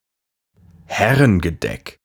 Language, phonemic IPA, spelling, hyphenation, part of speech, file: German, /ˈhɛʁənɡəˌdɛk/, Herrengedeck, Her‧ren‧ge‧deck, noun, De-Herrengedeck.ogg
- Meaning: a glass of beer served with a shot of a spirit, most often Korn